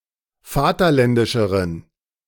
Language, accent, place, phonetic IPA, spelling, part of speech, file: German, Germany, Berlin, [ˈfaːtɐˌlɛndɪʃəʁən], vaterländischeren, adjective, De-vaterländischeren.ogg
- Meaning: inflection of vaterländisch: 1. strong genitive masculine/neuter singular comparative degree 2. weak/mixed genitive/dative all-gender singular comparative degree